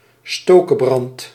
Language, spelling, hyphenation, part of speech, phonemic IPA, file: Dutch, stokebrand, sto‧ke‧brand, noun, /ˈstoː.kəˌbrɑnt/, Nl-stokebrand.ogg
- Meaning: agitator, instigator of unrest